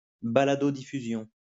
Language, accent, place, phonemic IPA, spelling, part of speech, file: French, France, Lyon, /ba.la.do.di.fy.zjɔ̃/, baladodiffusion, noun, LL-Q150 (fra)-baladodiffusion.wav
- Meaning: podcasting